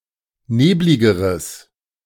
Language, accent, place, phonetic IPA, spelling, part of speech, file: German, Germany, Berlin, [ˈneːblɪɡəʁəs], nebligeres, adjective, De-nebligeres.ogg
- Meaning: strong/mixed nominative/accusative neuter singular comparative degree of neblig